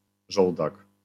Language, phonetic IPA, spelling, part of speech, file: Polish, [ˈʒɔwdak], żołdak, noun, LL-Q809 (pol)-żołdak.wav